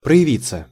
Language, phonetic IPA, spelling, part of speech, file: Russian, [prə(j)ɪˈvʲit͡sːə], проявиться, verb, Ru-проявиться.ogg
- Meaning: 1. reflexive of прояви́ть (projavítʹ): to show oneself, to reveal oneself 2. passive of прояви́ть (projavítʹ): to be shown, to be revealed; (photography) to be developed